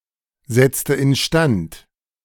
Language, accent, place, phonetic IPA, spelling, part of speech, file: German, Germany, Berlin, [ˌzɛt͡stə ɪnˈʃtant], setzte instand, verb, De-setzte instand.ogg
- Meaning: inflection of instand setzen: 1. first/third-person singular preterite 2. first/third-person singular subjunctive II